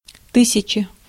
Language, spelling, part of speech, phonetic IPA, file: Russian, тысяча, numeral / noun, [ˈtɨsʲɪt͡ɕə], Ru-тысяча.ogg
- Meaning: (numeral) thousand (1000); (noun) 1. set of thousand 2. one thousand ruble banknote